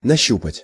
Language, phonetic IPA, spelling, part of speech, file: Russian, [nɐˈɕːupətʲ], нащупать, verb, Ru-нащупать.ogg
- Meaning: to grope (for, after), to feel about (for)